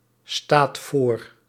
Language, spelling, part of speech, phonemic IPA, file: Dutch, staat voor, verb, /ˈstat ˈvor/, Nl-staat voor.ogg
- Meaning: inflection of voorstaan: 1. second/third-person singular present indicative 2. plural imperative